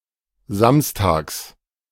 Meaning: genitive singular of Samstag
- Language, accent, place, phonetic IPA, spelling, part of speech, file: German, Germany, Berlin, [ˈzamstaːks], Samstags, noun, De-Samstags.ogg